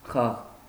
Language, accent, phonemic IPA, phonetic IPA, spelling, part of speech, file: Armenian, Eastern Armenian, /χɑʁ/, [χɑʁ], խաղ, noun, Hy-խաղ.ogg
- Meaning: 1. game, play 2. acting, performing 3. song, tune 4. dance 5. prank; joke 6. modulations of voice during singing